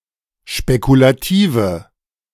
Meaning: inflection of spekulativ: 1. strong/mixed nominative/accusative feminine singular 2. strong nominative/accusative plural 3. weak nominative all-gender singular
- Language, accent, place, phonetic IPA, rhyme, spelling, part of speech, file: German, Germany, Berlin, [ʃpekulaˈtiːvə], -iːvə, spekulative, adjective, De-spekulative.ogg